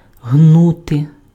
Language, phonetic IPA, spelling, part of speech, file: Ukrainian, [ˈɦnute], гнути, verb, Uk-гнути.ogg
- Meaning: to bend, to curve